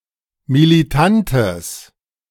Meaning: strong/mixed nominative/accusative neuter singular of militant
- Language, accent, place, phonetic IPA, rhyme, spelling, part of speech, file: German, Germany, Berlin, [miliˈtantəs], -antəs, militantes, adjective, De-militantes.ogg